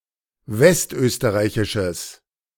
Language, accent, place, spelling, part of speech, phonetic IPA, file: German, Germany, Berlin, westösterreichisches, adjective, [ˈvɛstˌʔøːstəʁaɪ̯çɪʃəs], De-westösterreichisches.ogg
- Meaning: strong/mixed nominative/accusative neuter singular of westösterreichisch